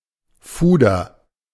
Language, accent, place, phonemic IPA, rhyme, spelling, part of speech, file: German, Germany, Berlin, /ˈfuːdɐ/, -uːdɐ, Fuder, noun, De-Fuder.ogg
- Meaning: 1. A wagonload, cartload 2. A unit of measure for wine equal to roughly 1000 litres